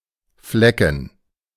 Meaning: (noun) 1. alternative form of Fleck (“stain, sport, blot, smear”) 2. a village or small town, (especially historical) a place with limited town privileges, such as market rights 3. plural of Fleck
- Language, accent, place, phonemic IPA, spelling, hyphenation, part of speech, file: German, Germany, Berlin, /ˈflɛkən/, Flecken, Fle‧cken, noun / proper noun, De-Flecken.ogg